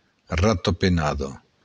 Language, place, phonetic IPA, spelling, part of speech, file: Occitan, Béarn, [ratopeˈnaðo], ratapenada, noun, LL-Q14185 (oci)-ratapenada.wav
- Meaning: bat (flying mammal)